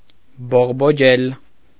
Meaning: 1. to blossom, to bud, to sprout 2. to grow, to thrive, to burgeon 3. to mature, to develop, to flourish
- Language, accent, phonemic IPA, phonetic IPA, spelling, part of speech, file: Armenian, Eastern Armenian, /boʁboˈd͡ʒel/, [boʁbod͡ʒél], բողբոջել, verb, Hy-բողբոջել.ogg